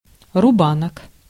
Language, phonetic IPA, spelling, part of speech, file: Russian, [rʊˈbanək], рубанок, noun, Ru-рубанок.ogg
- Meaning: 1. plane (a tool) 2. jointer 3. jack plane